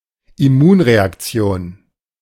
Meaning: immune reaction
- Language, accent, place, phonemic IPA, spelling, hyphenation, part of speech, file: German, Germany, Berlin, /ɪˈmuːnʁeakˌt͡si̯oːn/, Immunreaktion, Im‧mun‧re‧ak‧ti‧on, noun, De-Immunreaktion.ogg